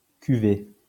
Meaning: 1. the quantity of wine in a fermentation vessel 2. a cuvée (blend of wine) 3. vintage 4. batch, group; group of students who celebrate graduation the same year
- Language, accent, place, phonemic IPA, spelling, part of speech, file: French, France, Lyon, /ky.ve/, cuvée, noun, LL-Q150 (fra)-cuvée.wav